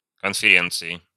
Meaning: inflection of конфере́нция (konferéncija): 1. genitive/dative/prepositional singular 2. nominative/accusative plural
- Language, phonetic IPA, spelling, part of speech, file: Russian, [kənfʲɪˈrʲent͡sɨɪ], конференции, noun, Ru-конференции.ogg